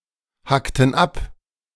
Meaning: inflection of abhacken: 1. first/third-person plural preterite 2. first/third-person plural subjunctive II
- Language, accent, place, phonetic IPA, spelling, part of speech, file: German, Germany, Berlin, [ˌhaktn̩ ˈap], hackten ab, verb, De-hackten ab.ogg